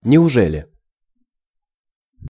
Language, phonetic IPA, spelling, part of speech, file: Russian, [nʲɪʊˈʐɛlʲɪ], неужели, particle, Ru-неужели.ogg
- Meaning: really?, is it possible?, indeed